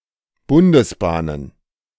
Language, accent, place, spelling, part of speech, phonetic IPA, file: German, Germany, Berlin, Bundesbahnen, noun, [ˈbʊndəsˌbaːnən], De-Bundesbahnen.ogg
- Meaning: plural of Bundesbahn